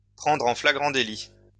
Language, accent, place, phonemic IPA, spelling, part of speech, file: French, France, Lyon, /pʁɑ̃dʁ ɑ̃ fla.ɡʁɑ̃ de.li/, prendre en flagrant délit, verb, LL-Q150 (fra)-prendre en flagrant délit.wav
- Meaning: to bust, to catch red-handed